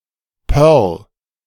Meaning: pearl: the small size of type standardized as 5 points
- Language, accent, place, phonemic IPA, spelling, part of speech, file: German, Germany, Berlin, /pɛʁl/, Perl, noun, De-Perl.ogg